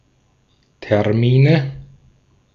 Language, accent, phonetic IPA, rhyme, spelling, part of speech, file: German, Austria, [tɛʁˈmiːnə], -iːnə, Termine, noun, De-at-Termine.ogg
- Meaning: nominative/accusative/genitive plural of Termin